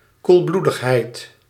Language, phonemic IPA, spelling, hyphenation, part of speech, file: Dutch, /kulˈblu.dəxˌɦɛi̯t/, koelbloedigheid, koel‧bloe‧dig‧heid, noun, Nl-koelbloedigheid.ogg
- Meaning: sangfroid, composure